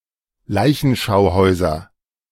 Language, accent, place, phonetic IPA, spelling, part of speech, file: German, Germany, Berlin, [ˈlaɪ̯çn̩ʃaʊ̯ˌhɔɪ̯zɐ], Leichenschauhäuser, noun, De-Leichenschauhäuser.ogg
- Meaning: nominative/accusative/genitive plural of Leichenschauhaus